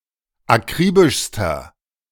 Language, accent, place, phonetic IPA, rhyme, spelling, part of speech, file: German, Germany, Berlin, [aˈkʁiːbɪʃstɐ], -iːbɪʃstɐ, akribischster, adjective, De-akribischster.ogg
- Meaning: inflection of akribisch: 1. strong/mixed nominative masculine singular superlative degree 2. strong genitive/dative feminine singular superlative degree 3. strong genitive plural superlative degree